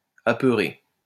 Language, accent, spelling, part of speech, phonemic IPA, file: French, France, apeuré, verb / adjective, /a.pœ.ʁe/, LL-Q150 (fra)-apeuré.wav
- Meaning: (verb) past participle of apeurer; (adjective) frightened, afraid